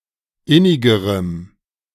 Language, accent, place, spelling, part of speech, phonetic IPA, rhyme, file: German, Germany, Berlin, innigerem, adjective, [ˈɪnɪɡəʁəm], -ɪnɪɡəʁəm, De-innigerem.ogg
- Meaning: strong dative masculine/neuter singular comparative degree of innig